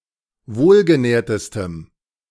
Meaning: strong dative masculine/neuter singular superlative degree of wohlgenährt
- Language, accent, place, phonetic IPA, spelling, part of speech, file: German, Germany, Berlin, [ˈvoːlɡəˌnɛːɐ̯təstəm], wohlgenährtestem, adjective, De-wohlgenährtestem.ogg